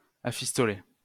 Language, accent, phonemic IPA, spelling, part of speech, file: French, France, /a.fis.tɔ.le/, afistoler, verb, LL-Q150 (fra)-afistoler.wav
- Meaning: 1. to ornament or embellish 2. to dress up